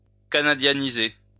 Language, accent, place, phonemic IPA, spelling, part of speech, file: French, France, Lyon, /ka.na.dja.ni.ze/, canadianiser, verb, LL-Q150 (fra)-canadianiser.wav
- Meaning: Canadianize (to make Canadian)